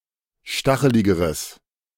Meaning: strong/mixed nominative/accusative neuter singular comparative degree of stachelig
- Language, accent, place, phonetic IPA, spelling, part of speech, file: German, Germany, Berlin, [ˈʃtaxəlɪɡəʁəs], stacheligeres, adjective, De-stacheligeres.ogg